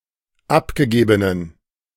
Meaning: inflection of abgegeben: 1. strong genitive masculine/neuter singular 2. weak/mixed genitive/dative all-gender singular 3. strong/weak/mixed accusative masculine singular 4. strong dative plural
- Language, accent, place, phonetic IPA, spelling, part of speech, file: German, Germany, Berlin, [ˈapɡəˌɡeːbənən], abgegebenen, adjective, De-abgegebenen.ogg